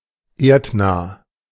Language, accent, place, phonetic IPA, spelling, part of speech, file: German, Germany, Berlin, [ˈeːɐ̯tˌnaː], erdnah, adjective, De-erdnah.ogg
- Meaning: near-Earth